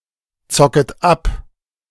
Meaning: second-person plural subjunctive I of abzocken
- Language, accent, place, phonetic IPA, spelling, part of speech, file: German, Germany, Berlin, [ˌt͡sɔkət ˈap], zocket ab, verb, De-zocket ab.ogg